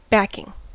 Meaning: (noun) 1. Support, especially financial 2. A liner or other material added behind or underneath 3. A backdrop 4. Musicians and vocalists who support the main performer
- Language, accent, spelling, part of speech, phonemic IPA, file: English, US, backing, noun / adjective / verb, /ˈbæk.ɪŋ(ɡ)/, En-us-backing.ogg